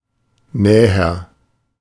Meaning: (adjective) 1. comparative degree of nah 2. further, more precise or detailed; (verb) inflection of nähern: 1. first-person singular present 2. singular imperative
- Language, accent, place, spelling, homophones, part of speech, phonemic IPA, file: German, Germany, Berlin, näher, Näher, adjective / verb, /ˈnɛːər/, De-näher.ogg